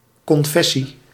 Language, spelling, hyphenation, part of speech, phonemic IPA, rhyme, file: Dutch, confessie, con‧fes‧sie, noun, /ˌkɔnˈfɛ.si/, -ɛsi, Nl-confessie.ogg
- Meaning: 1. a religious affiliation or denomination 2. a confession of sins 3. a confession, a statement of faith 4. a confession, a formula stating articles of faith